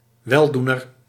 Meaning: benefactor
- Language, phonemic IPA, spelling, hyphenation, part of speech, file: Dutch, /ˈwɛldunər/, weldoener, wel‧doe‧ner, noun, Nl-weldoener.ogg